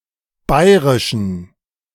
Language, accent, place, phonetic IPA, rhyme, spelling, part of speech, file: German, Germany, Berlin, [ˈbaɪ̯ʁɪʃn̩], -aɪ̯ʁɪʃn̩, bayrischen, adjective, De-bayrischen.ogg
- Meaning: inflection of bayrisch: 1. strong genitive masculine/neuter singular 2. weak/mixed genitive/dative all-gender singular 3. strong/weak/mixed accusative masculine singular 4. strong dative plural